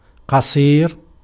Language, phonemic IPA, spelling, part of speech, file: Arabic, /qa.sˤiːr/, قصير, adjective, Ar-قصير.ogg
- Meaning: 1. short 2. too short, defective 3. small